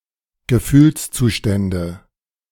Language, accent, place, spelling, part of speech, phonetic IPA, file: German, Germany, Berlin, Gefühlszustände, noun, [ɡəˈfyːlst͡suːˌʃtɛndə], De-Gefühlszustände.ogg
- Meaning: nominative/accusative/genitive plural of Gefühlszustand